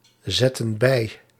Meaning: inflection of bijzetten: 1. plural present/past indicative 2. plural present/past subjunctive
- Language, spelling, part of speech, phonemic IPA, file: Dutch, zetten bij, verb, /ˈzɛtə(n) ˈbɛi/, Nl-zetten bij.ogg